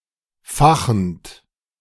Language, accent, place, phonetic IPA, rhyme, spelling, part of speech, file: German, Germany, Berlin, [ˈfaxn̩t], -axn̩t, fachend, verb, De-fachend.ogg
- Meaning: present participle of fachen